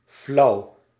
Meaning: 1. boring, tasteless, uninspired 2. languid, weak 3. vague, hazy 4. tasteless, bland
- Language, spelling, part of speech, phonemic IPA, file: Dutch, flauw, adjective, /flɑu/, Nl-flauw.ogg